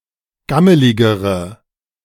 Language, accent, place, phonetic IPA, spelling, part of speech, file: German, Germany, Berlin, [ˈɡaməlɪɡəʁə], gammeligere, adjective, De-gammeligere.ogg
- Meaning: inflection of gammelig: 1. strong/mixed nominative/accusative feminine singular comparative degree 2. strong nominative/accusative plural comparative degree